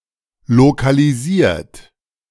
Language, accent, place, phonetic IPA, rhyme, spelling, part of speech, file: German, Germany, Berlin, [lokaliˈziːɐ̯t], -iːɐ̯t, lokalisiert, verb, De-lokalisiert.ogg
- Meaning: 1. past participle of lokalisieren 2. inflection of lokalisieren: third-person singular present 3. inflection of lokalisieren: second-person plural present